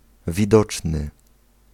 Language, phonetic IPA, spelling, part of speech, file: Polish, [vʲiˈdɔt͡ʃnɨ], widoczny, adjective, Pl-widoczny.ogg